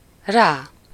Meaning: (pronoun) upon/on/unto him/her/it; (adverb) synonym of később, later (after -ra/-re for the amount of time passed; usually of days or longer periods)
- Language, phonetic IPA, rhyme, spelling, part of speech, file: Hungarian, [ˈraː], -raː, rá, pronoun / adverb, Hu-rá.ogg